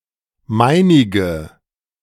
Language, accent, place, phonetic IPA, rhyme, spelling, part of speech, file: German, Germany, Berlin, [ˈmaɪ̯nɪɡə], -aɪ̯nɪɡə, meinige, pronoun, De-meinige.ogg
- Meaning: of mine